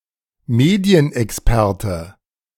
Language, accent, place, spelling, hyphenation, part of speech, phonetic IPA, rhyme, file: German, Germany, Berlin, Medienexperte, Me‧di‧en‧ex‧per‧te, noun, [ˈmeːdi̯ənʔɛksˌpɛʁtə], -ɛʁtə, De-Medienexperte.ogg
- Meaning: media expert, expert on the media